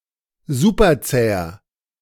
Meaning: inflection of superzäh: 1. strong/mixed nominative masculine singular 2. strong genitive/dative feminine singular 3. strong genitive plural
- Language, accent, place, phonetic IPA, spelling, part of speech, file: German, Germany, Berlin, [ˈzupɐˌt͡sɛːɐ], superzäher, adjective, De-superzäher.ogg